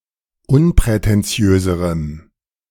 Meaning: strong dative masculine/neuter singular comparative degree of unprätentiös
- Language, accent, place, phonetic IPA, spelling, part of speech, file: German, Germany, Berlin, [ˈʊnpʁɛtɛnˌt͡si̯øːzəʁəm], unprätentiöserem, adjective, De-unprätentiöserem.ogg